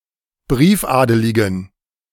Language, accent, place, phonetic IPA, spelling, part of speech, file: German, Germany, Berlin, [ˈbʁiːfˌʔaːdəlɪɡn̩], briefadeligen, adjective, De-briefadeligen.ogg
- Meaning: inflection of briefadelig: 1. strong genitive masculine/neuter singular 2. weak/mixed genitive/dative all-gender singular 3. strong/weak/mixed accusative masculine singular 4. strong dative plural